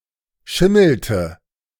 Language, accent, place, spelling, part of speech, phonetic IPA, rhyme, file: German, Germany, Berlin, schimmelte, verb, [ˈʃɪml̩tə], -ɪml̩tə, De-schimmelte.ogg
- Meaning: inflection of schimmeln: 1. first/third-person singular preterite 2. first/third-person singular subjunctive II